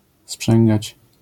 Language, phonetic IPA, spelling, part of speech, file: Polish, [ˈspʃɛ̃ŋɡat͡ɕ], sprzęgać, verb, LL-Q809 (pol)-sprzęgać.wav